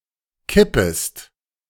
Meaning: second-person singular subjunctive I of kippen
- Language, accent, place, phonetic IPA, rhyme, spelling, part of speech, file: German, Germany, Berlin, [ˈkɪpəst], -ɪpəst, kippest, verb, De-kippest.ogg